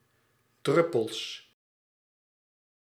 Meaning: plural of druppel
- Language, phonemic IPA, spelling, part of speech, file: Dutch, /ˈdrʏpəls/, druppels, noun, Nl-druppels.ogg